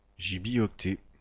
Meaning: gibibyte
- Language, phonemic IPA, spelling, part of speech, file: French, /ʒi.bi.ɔk.tɛ/, gibioctet, noun, Gibioctet-FR.ogg